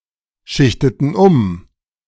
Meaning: inflection of umschichten: 1. first/third-person plural preterite 2. first/third-person plural subjunctive II
- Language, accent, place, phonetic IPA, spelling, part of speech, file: German, Germany, Berlin, [ˌʃɪçtətn̩ ˈʊm], schichteten um, verb, De-schichteten um.ogg